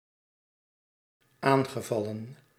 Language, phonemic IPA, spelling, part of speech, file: Dutch, /ˈaŋɣəˌvɑlə(n)/, aangevallen, verb, Nl-aangevallen.ogg
- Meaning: past participle of aanvallen